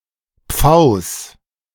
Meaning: genitive singular of Pfau
- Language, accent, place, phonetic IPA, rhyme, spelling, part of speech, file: German, Germany, Berlin, [p͡faʊ̯s], -aʊ̯s, Pfaus, noun, De-Pfaus.ogg